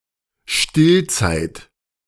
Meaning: nursing period
- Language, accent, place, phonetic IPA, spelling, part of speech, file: German, Germany, Berlin, [ˈʃtɪlˌt͡saɪ̯t], Stillzeit, noun, De-Stillzeit.ogg